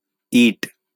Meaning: brick
- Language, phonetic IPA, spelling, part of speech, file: Bengali, [iʈ], ইট, noun, LL-Q9610 (ben)-ইট.wav